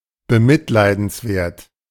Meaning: pathetic (arousing pity, sympathy, or compassion)
- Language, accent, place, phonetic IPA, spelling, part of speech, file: German, Germany, Berlin, [bəˈmɪtlaɪ̯dn̩sˌvɛɐ̯t], bemitleidenswert, adjective, De-bemitleidenswert.ogg